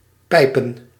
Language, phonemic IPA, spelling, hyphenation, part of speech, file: Dutch, /ˈpɛi̯.pə(n)/, pijpen, pij‧pen, verb / noun, Nl-pijpen.ogg
- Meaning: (verb) to fellate, to blow, to suck (the object usually indicates the receiving person, but sometimes the member or item undergoing the action)